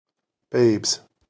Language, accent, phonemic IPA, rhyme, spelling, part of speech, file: English, US, /beɪbz/, -eɪbz, babes, noun, En-us-babes.ogg
- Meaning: 1. plural of babe 2. Alternative form of babe (“as a term of endearment to a loved one”)